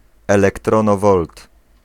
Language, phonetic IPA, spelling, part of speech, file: Polish, [ˌɛlɛktrɔ̃ˈnɔvɔlt], elektronowolt, noun, Pl-elektronowolt.ogg